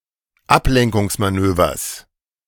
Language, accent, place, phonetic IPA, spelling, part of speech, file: German, Germany, Berlin, [ˈaplɛŋkʊŋsmaˌnøːvɐs], Ablenkungsmanövers, noun, De-Ablenkungsmanövers.ogg
- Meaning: genitive singular of Ablenkungsmanöver